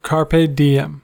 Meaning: Enjoy the present, make the most of today, (common mistranslation) seize the day
- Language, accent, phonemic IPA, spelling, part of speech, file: English, US, /ˌkɑɹ.pi ˈdaɪ.ɛm/, carpe diem, proverb, En-us-carpe diem.ogg